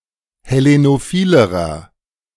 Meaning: inflection of hellenophil: 1. strong/mixed nominative masculine singular comparative degree 2. strong genitive/dative feminine singular comparative degree 3. strong genitive plural comparative degree
- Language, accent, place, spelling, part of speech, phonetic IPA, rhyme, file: German, Germany, Berlin, hellenophilerer, adjective, [hɛˌlenoˈfiːləʁɐ], -iːləʁɐ, De-hellenophilerer.ogg